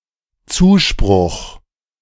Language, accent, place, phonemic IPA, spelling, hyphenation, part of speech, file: German, Germany, Berlin, /ˈt͡suːˌʃpʁʊx/, Zuspruch, Zu‧spruch, noun, De-Zuspruch.ogg
- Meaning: 1. encouragement 2. popularity